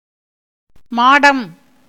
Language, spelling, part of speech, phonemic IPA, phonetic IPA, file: Tamil, மாடம், noun, /mɑːɖɐm/, [mäːɖɐm], Ta-மாடம்.ogg
- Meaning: 1. storied house 2. house, mansion, hall 3. hut